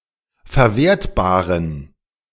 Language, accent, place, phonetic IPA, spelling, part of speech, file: German, Germany, Berlin, [fɛɐ̯ˈveːɐ̯tbaːʁən], verwertbaren, adjective, De-verwertbaren.ogg
- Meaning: inflection of verwertbar: 1. strong genitive masculine/neuter singular 2. weak/mixed genitive/dative all-gender singular 3. strong/weak/mixed accusative masculine singular 4. strong dative plural